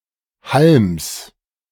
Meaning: genitive singular of Halm
- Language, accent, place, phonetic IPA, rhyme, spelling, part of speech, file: German, Germany, Berlin, [halms], -alms, Halms, noun, De-Halms.ogg